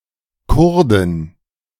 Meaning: female equivalent of Kurde: female Kurd, woman or girl from Kurdistan
- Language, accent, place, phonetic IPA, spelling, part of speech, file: German, Germany, Berlin, [ˈkʊʁdɪn], Kurdin, noun, De-Kurdin.ogg